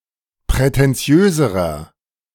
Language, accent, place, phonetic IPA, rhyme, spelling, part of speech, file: German, Germany, Berlin, [pʁɛtɛnˈt͡si̯øːzəʁɐ], -øːzəʁɐ, prätentiöserer, adjective, De-prätentiöserer.ogg
- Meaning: inflection of prätentiös: 1. strong/mixed nominative masculine singular comparative degree 2. strong genitive/dative feminine singular comparative degree 3. strong genitive plural comparative degree